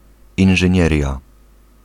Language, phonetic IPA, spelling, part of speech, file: Polish, [ˌĩn͇ʒɨ̃ˈɲɛrʲja], inżynieria, noun, Pl-inżynieria.ogg